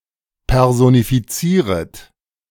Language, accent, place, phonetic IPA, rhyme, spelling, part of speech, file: German, Germany, Berlin, [ˌpɛʁzonifiˈt͡siːʁət], -iːʁət, personifizieret, verb, De-personifizieret.ogg
- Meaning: second-person plural subjunctive I of personifizieren